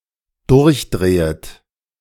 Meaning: second-person plural dependent subjunctive I of durchdrehen
- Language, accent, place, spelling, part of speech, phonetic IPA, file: German, Germany, Berlin, durchdrehet, verb, [ˈdʊʁçˌdʁeːət], De-durchdrehet.ogg